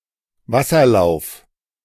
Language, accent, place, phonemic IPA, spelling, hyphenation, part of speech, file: German, Germany, Berlin, /ˈvasɐˌlaʊ̯f/, Wasserlauf, Was‧ser‧lauf, noun, De-Wasserlauf.ogg
- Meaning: watercourse